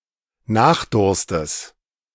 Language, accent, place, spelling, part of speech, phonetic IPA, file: German, Germany, Berlin, Nachdurstes, noun, [ˈnaːxˌdʊʁstəs], De-Nachdurstes.ogg
- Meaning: genitive of Nachdurst